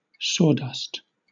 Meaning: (noun) 1. The fine particles (dust) created by sawing wood or other material 2. Food that is unpleasantly powdery and tasteless; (verb) To sprinkle with sawdust
- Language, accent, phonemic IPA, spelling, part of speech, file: English, Southern England, /ˈsɔːˌdʌst/, sawdust, noun / verb, LL-Q1860 (eng)-sawdust.wav